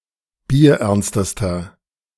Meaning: inflection of bierernst: 1. strong/mixed nominative masculine singular superlative degree 2. strong genitive/dative feminine singular superlative degree 3. strong genitive plural superlative degree
- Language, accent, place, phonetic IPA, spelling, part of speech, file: German, Germany, Berlin, [biːɐ̯ˈʔɛʁnstəstɐ], bierernstester, adjective, De-bierernstester.ogg